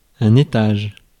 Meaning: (noun) 1. floor, storey 2. stage, division of a geological period 3. floor in ocean and sea 4. zone 5. stage; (verb) inflection of étager: first/third-person singular present indicative/subjunctive
- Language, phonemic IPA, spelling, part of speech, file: French, /e.taʒ/, étage, noun / verb, Fr-étage.ogg